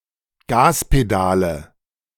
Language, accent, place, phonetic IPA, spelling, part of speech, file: German, Germany, Berlin, [ˈɡaːspeˌdaːlə], Gaspedale, noun, De-Gaspedale.ogg
- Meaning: nominative/accusative/genitive plural of Gaspedal